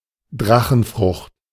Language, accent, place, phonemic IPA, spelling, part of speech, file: German, Germany, Berlin, /ˈdʁaxn̩ˌfʁʊxt/, Drachenfrucht, noun, De-Drachenfrucht.ogg
- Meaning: dragon fruit